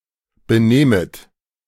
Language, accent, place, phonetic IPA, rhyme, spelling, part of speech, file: German, Germany, Berlin, [bəˈneːmət], -eːmət, benehmet, verb, De-benehmet.ogg
- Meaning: second-person plural subjunctive I of benehmen